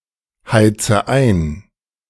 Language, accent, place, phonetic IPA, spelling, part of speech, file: German, Germany, Berlin, [ˌhaɪ̯t͡sə ˈaɪ̯n], heize ein, verb, De-heize ein.ogg
- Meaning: inflection of einheizen: 1. first-person singular present 2. first/third-person singular subjunctive I 3. singular imperative